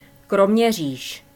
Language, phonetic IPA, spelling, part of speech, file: Czech, [ˈkromɲɛr̝iːʃ], Kroměříž, proper noun, Cs Kroměříž.ogg
- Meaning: a town in the eastern Czech Republic. From 1998 UNESCO-listed because of its chateau and two gardens. Nicknamed Athens of Haná